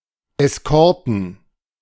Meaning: plural of Eskorte
- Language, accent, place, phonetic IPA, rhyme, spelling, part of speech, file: German, Germany, Berlin, [ɛsˈkɔʁtn̩], -ɔʁtn̩, Eskorten, noun, De-Eskorten.ogg